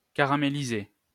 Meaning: to caramelize
- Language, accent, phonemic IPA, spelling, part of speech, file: French, France, /ka.ʁa.me.li.ze/, caraméliser, verb, LL-Q150 (fra)-caraméliser.wav